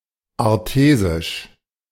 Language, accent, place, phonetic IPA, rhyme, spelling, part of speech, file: German, Germany, Berlin, [aʁˈteːzɪʃ], -eːzɪʃ, artesisch, adjective, De-artesisch.ogg
- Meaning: artesian